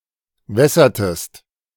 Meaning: inflection of wässern: 1. second-person singular preterite 2. second-person singular subjunctive II
- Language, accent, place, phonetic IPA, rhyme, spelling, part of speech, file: German, Germany, Berlin, [ˈvɛsɐtəst], -ɛsɐtəst, wässertest, verb, De-wässertest.ogg